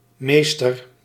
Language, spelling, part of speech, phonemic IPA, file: Dutch, mr., noun, /ˈmestər/, Nl-mr..ogg
- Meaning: abbreviation of meester (“LL.M., Master of Laws”), used by lawyers and notaries